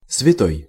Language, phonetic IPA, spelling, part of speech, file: Russian, [svʲɪˈtoj], святой, adjective / noun, Ru-святой.ogg
- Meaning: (adjective) holy, sacred (dedicated to a religious purpose); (noun) 1. saint 2. genitive/dative/instrumental/prepositional singular of свята́я (svjatája)